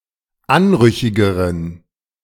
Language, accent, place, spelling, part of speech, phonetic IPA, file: German, Germany, Berlin, anrüchigeren, adjective, [ˈanˌʁʏçɪɡəʁən], De-anrüchigeren.ogg
- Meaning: inflection of anrüchig: 1. strong genitive masculine/neuter singular comparative degree 2. weak/mixed genitive/dative all-gender singular comparative degree